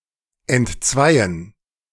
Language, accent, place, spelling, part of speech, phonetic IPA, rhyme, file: German, Germany, Berlin, entzweien, verb, [ɛntˈt͡svaɪ̯ən], -aɪ̯ən, De-entzweien.ogg
- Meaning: 1. to fall out with someone, to become divided 2. to divide, to disunite